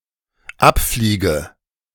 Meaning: inflection of abfliegen: 1. first-person singular dependent present 2. first/third-person singular dependent subjunctive I
- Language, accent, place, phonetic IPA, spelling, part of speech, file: German, Germany, Berlin, [ˈapˌfliːɡə], abfliege, verb, De-abfliege.ogg